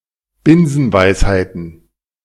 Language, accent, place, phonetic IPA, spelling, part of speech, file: German, Germany, Berlin, [ˈbɪnzn̩ˌvaɪ̯shaɪ̯tn̩], Binsenweisheiten, noun, De-Binsenweisheiten.ogg
- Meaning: plural of Binsenweisheit